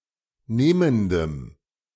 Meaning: strong dative masculine/neuter singular of nehmend
- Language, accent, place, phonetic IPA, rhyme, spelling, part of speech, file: German, Germany, Berlin, [ˈneːməndəm], -eːməndəm, nehmendem, adjective, De-nehmendem.ogg